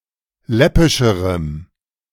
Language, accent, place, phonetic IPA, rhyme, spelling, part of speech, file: German, Germany, Berlin, [ˈlɛpɪʃəʁəm], -ɛpɪʃəʁəm, läppischerem, adjective, De-läppischerem.ogg
- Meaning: strong dative masculine/neuter singular comparative degree of läppisch